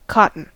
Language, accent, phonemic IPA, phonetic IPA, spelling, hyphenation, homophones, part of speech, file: English, US, /ˈkɑt.n̩/, [ˈkɑ.ʔn̩], cotton, cot‧ton, Cotten, noun / adjective / verb, En-us-cotton.ogg
- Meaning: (noun) A fibrous substance: A soft, fibrous, usually white substance consisting of fine hairs, especially the substance around the seeds of a plant of genus Gossypium